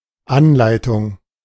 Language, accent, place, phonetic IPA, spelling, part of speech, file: German, Germany, Berlin, [ˈanˌlaɪ̯tʊŋ], Anleitung, noun, De-Anleitung.ogg
- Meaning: 1. guidance 2. manual 3. tutorial